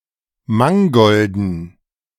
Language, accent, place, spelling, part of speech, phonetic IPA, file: German, Germany, Berlin, Mangolden, noun, [ˈmaŋɡɔldn̩], De-Mangolden.ogg
- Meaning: dative plural of Mangold